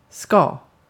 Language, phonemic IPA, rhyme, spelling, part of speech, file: Swedish, /ˈskɑː/, -ɑː, ska, noun / verb, Sv-ska.ogg
- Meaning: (noun) ska; a style of dance music